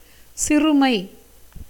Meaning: 1. littleness, smallness 2. paucity, fewness 3. fineness, minuteness 4. meanness, insignificance 5. hardship, affliction 6. disease 7. want, poverty
- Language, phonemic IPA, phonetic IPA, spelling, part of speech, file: Tamil, /tʃɪrʊmɐɪ̯/, [sɪrʊmɐɪ̯], சிறுமை, noun, Ta-சிறுமை.ogg